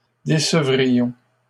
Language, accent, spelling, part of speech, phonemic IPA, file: French, Canada, décevrions, verb, /de.sə.vʁi.jɔ̃/, LL-Q150 (fra)-décevrions.wav
- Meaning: first-person plural conditional of décevoir